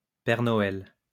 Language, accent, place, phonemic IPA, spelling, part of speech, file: French, France, Lyon, /pɛʁ nɔ.ɛl/, Père Noël, proper noun, LL-Q150 (fra)-Père Noël.wav
- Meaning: Father Christmas; Santa Claus